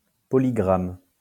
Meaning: polygraph
- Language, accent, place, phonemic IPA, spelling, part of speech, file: French, France, Lyon, /pɔ.li.ɡʁam/, polygramme, noun, LL-Q150 (fra)-polygramme.wav